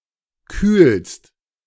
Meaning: second-person singular present of kühlen
- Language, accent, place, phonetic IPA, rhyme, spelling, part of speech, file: German, Germany, Berlin, [kyːlst], -yːlst, kühlst, verb, De-kühlst.ogg